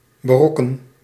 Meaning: 1. alternative form of berokkenen 2. inflection of berokkenen: first-person singular present indicative 3. inflection of berokkenen: second-person singular present indicative
- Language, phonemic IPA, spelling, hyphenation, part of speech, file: Dutch, /bəˈrɔkə(n)/, berokken, be‧rok‧ken, verb, Nl-berokken.ogg